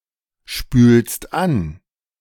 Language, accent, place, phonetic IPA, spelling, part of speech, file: German, Germany, Berlin, [ˌʃpyːlst ˈan], spülst an, verb, De-spülst an.ogg
- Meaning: second-person singular present of anspülen